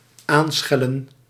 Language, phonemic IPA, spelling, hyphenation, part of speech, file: Dutch, /ˈaːnˌsxɛ.lə(n)/, aanschellen, aan‧schel‧len, verb, Nl-aanschellen.ogg
- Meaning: to ring the doorbell